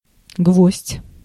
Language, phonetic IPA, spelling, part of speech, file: Russian, [ɡvosʲtʲ], гвоздь, noun, Ru-гвоздь.ogg
- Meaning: nail, tack, peg (construction)